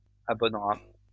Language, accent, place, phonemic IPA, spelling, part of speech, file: French, France, Lyon, /a.bɔn.ʁa/, abonnera, verb, LL-Q150 (fra)-abonnera.wav
- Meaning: third-person singular simple future of abonner